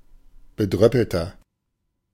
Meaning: 1. comparative degree of bedröppelt 2. inflection of bedröppelt: strong/mixed nominative masculine singular 3. inflection of bedröppelt: strong genitive/dative feminine singular
- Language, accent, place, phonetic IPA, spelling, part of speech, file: German, Germany, Berlin, [bəˈdʁœpəltɐ], bedröppelter, adjective, De-bedröppelter.ogg